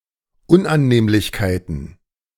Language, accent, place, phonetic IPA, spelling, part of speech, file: German, Germany, Berlin, [ˈʊnʔanˌneːmlɪçkaɪ̯tn̩], Unannehmlichkeiten, noun, De-Unannehmlichkeiten.ogg
- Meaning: plural of Unannehmlichkeit